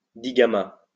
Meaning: digamma (Greek letter)
- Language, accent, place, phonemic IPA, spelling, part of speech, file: French, France, Lyon, /di.ɡa.ma/, digamma, noun, LL-Q150 (fra)-digamma.wav